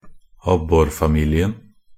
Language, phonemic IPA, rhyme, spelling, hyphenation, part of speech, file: Norwegian Bokmål, /ˈabːɔrfamiːlɪən/, -ən, abborfamilien, ab‧bor‧fa‧mi‧li‧en, noun, Nb-abborfamilien.ogg
- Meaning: the perch family; Percidae (a taxonomic family within order Perciformes)